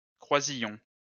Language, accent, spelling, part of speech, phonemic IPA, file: French, France, croisillon, noun, /kʁwa.zi.jɔ̃/, LL-Q150 (fra)-croisillon.wav
- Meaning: 1. crosspiece, crossbar 2. transept 3. lattice 4. the symbol #; hash, pound